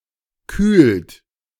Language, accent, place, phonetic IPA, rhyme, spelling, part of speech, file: German, Germany, Berlin, [kyːlt], -yːlt, kühlt, verb, De-kühlt.ogg
- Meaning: inflection of kühlen: 1. third-person singular present 2. second-person plural present 3. plural imperative